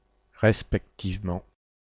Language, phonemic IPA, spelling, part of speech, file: French, /ʁɛs.pɛk.tiv.mɑ̃/, respectivement, adverb, Fr-respectivement.ogg
- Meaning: respectively